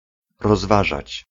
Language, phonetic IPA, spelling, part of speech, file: Polish, [rɔzˈvaʒat͡ɕ], rozważać, verb, Pl-rozważać.ogg